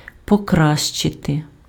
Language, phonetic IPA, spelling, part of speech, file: Ukrainian, [pɔˈkraʃt͡ʃete], покращити, verb, Uk-покращити.ogg
- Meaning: to improve, to make better, to ameliorate